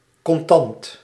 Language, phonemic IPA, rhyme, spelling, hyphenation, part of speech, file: Dutch, /kɔnˈtɑnt/, -ɑnt, contant, con‧tant, adjective / adverb, Nl-contant.ogg
- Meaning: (adjective) in cash